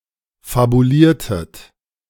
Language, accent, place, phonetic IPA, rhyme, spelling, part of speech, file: German, Germany, Berlin, [fabuˈliːɐ̯tət], -iːɐ̯tət, fabuliertet, verb, De-fabuliertet.ogg
- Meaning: inflection of fabulieren: 1. second-person plural preterite 2. second-person plural subjunctive II